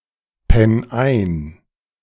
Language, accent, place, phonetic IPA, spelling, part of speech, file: German, Germany, Berlin, [ˌpɛn ˈaɪ̯n], penn ein, verb, De-penn ein.ogg
- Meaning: 1. singular imperative of einpennen 2. first-person singular present of einpennen